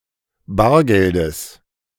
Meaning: genitive singular of Bargeld
- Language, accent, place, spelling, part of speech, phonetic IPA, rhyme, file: German, Germany, Berlin, Bargeldes, noun, [ˈbaːɐ̯ɡɛldəs], -aːɐ̯ɡɛldəs, De-Bargeldes.ogg